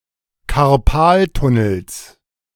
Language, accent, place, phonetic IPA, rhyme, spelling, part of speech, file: German, Germany, Berlin, [kaʁˈpaːltʊnl̩s], -aːltʊnl̩s, Karpaltunnels, noun, De-Karpaltunnels.ogg
- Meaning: genitive singular of Karpaltunnel